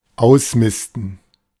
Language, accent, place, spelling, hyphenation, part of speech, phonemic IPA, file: German, Germany, Berlin, ausmisten, aus‧mis‧ten, verb, /ˈaʊ̯sˌmɪstn̩/, De-ausmisten.ogg
- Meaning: 1. to clean out (of manure) 2. to clean out, do spring cleaning